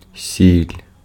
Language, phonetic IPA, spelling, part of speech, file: Ukrainian, [sʲilʲ], сіль, noun, Uk-сіль.ogg
- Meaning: salt